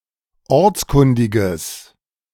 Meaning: strong/mixed nominative/accusative neuter singular of ortskundig
- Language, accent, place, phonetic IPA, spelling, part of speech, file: German, Germany, Berlin, [ˈɔʁt͡sˌkʊndɪɡəs], ortskundiges, adjective, De-ortskundiges.ogg